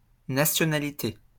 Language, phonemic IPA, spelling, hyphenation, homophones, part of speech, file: French, /na.sjɔ.na.li.te/, nationalité, na‧tio‧na‧li‧té, nationalités, noun, LL-Q150 (fra)-nationalité.wav
- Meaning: nationality